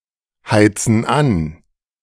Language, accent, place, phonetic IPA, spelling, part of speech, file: German, Germany, Berlin, [ˌhaɪ̯t͡sn̩ ˈan], heizen an, verb, De-heizen an.ogg
- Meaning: inflection of anheizen: 1. first/third-person plural present 2. first/third-person plural subjunctive I